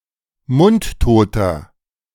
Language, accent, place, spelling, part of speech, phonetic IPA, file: German, Germany, Berlin, mundtoter, adjective, [ˈmʊntˌtoːtɐ], De-mundtoter.ogg
- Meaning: 1. comparative degree of mundtot 2. inflection of mundtot: strong/mixed nominative masculine singular 3. inflection of mundtot: strong genitive/dative feminine singular